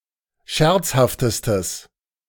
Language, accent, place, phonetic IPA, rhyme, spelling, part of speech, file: German, Germany, Berlin, [ˈʃɛʁt͡shaftəstəs], -ɛʁt͡shaftəstəs, scherzhaftestes, adjective, De-scherzhaftestes.ogg
- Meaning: strong/mixed nominative/accusative neuter singular superlative degree of scherzhaft